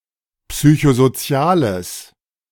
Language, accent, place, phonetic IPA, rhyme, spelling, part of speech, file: German, Germany, Berlin, [ˌpsyçozoˈt͡si̯aːləs], -aːləs, psychosoziales, adjective, De-psychosoziales.ogg
- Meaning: strong/mixed nominative/accusative neuter singular of psychosozial